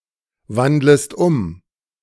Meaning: second-person singular subjunctive I of umwandeln
- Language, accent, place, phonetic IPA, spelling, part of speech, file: German, Germany, Berlin, [ˌvandləst ˈʊm], wandlest um, verb, De-wandlest um.ogg